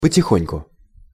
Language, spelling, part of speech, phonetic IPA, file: Russian, потихоньку, adverb, [pətʲɪˈxonʲkʊ], Ru-потихоньку.ogg
- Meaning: 1. OK, so-so (in answer to the question, "как дела?" ("How are you?"), the response "потихоньку"—"OK" or "I'm getting along okay"—implies that things could be better and could be worse) 2. silently